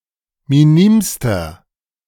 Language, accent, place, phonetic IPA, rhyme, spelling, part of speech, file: German, Germany, Berlin, [miˈniːmstɐ], -iːmstɐ, minimster, adjective, De-minimster.ogg
- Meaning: inflection of minim: 1. strong/mixed nominative masculine singular superlative degree 2. strong genitive/dative feminine singular superlative degree 3. strong genitive plural superlative degree